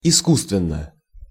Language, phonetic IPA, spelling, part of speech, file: Russian, [ɪˈskustvʲɪn(ː)ə], искусственно, adverb / adjective, Ru-искусственно.ogg
- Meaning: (adverb) artificially; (adjective) short neuter singular of иску́сственный (iskússtvennyj)